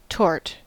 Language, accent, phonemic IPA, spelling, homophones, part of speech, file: English, General American, /tɔɹt/, tort, torte / taught, noun / adjective, En-us-tort.ogg